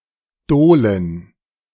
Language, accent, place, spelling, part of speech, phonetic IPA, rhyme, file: German, Germany, Berlin, Dolen, noun, [ˈdoːlən], -oːlən, De-Dolen.ogg
- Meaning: plural of Dole